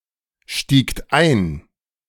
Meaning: second-person plural preterite of einsteigen
- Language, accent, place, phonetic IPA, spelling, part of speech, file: German, Germany, Berlin, [ˌʃtiːkt ˈaɪ̯n], stiegt ein, verb, De-stiegt ein.ogg